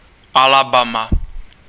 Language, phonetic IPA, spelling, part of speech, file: Czech, [ˈalabaːma], Alabama, proper noun, Cs-Alabama.ogg
- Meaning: Alabama (a state of the United States)